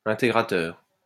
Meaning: integrator
- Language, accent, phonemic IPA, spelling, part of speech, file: French, France, /ɛ̃.te.ɡʁa.tœʁ/, intégrateur, noun, LL-Q150 (fra)-intégrateur.wav